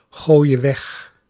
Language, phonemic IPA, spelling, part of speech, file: Dutch, /ˈɣojə ˈwɛx/, gooie weg, verb, Nl-gooie weg.ogg
- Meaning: singular present subjunctive of weggooien